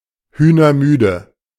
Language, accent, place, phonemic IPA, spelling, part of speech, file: German, Germany, Berlin, /ˈhyːnɐˌmyːdə/, hühnermüde, adjective, De-hühnermüde.ogg
- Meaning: polluted with chicken parasites etc (of soil)